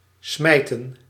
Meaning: to fling or hurl, to throw forcefully
- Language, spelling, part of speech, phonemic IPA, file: Dutch, smijten, verb, /ˈsmɛi̯.tə(n)/, Nl-smijten.ogg